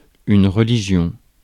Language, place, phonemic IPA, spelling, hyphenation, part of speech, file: French, Paris, /ʁə.li.ʒjɔ̃/, religion, re‧li‧gion, noun, Fr-religion.ogg
- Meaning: religion